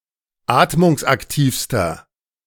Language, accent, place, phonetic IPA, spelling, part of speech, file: German, Germany, Berlin, [ˈaːtmʊŋsʔakˌtiːfstɐ], atmungsaktivster, adjective, De-atmungsaktivster.ogg
- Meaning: inflection of atmungsaktiv: 1. strong/mixed nominative masculine singular superlative degree 2. strong genitive/dative feminine singular superlative degree 3. strong genitive plural superlative degree